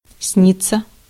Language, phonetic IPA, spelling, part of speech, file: Russian, [ˈsnʲit͡sːə], сниться, verb, Ru-сниться.ogg
- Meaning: to be dreamed [with dative ‘by someone’] (idiomatically translated by English dream with the dative object as the subject)